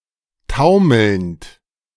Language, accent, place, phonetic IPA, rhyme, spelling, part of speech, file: German, Germany, Berlin, [ˈtaʊ̯ml̩nt], -aʊ̯ml̩nt, taumelnd, verb, De-taumelnd.ogg
- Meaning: present participle of taumeln